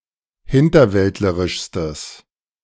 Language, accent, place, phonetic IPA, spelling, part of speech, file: German, Germany, Berlin, [ˈhɪntɐˌvɛltləʁɪʃstəs], hinterwäldlerischstes, adjective, De-hinterwäldlerischstes.ogg
- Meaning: strong/mixed nominative/accusative neuter singular superlative degree of hinterwäldlerisch